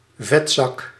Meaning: 1. fatso, lard-ass 2. pervert, dirtbag
- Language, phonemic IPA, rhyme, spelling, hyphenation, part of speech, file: Dutch, /ˈvɛtzɑk/, -ɑk, vetzak, vet‧zak, noun, Nl-vetzak.ogg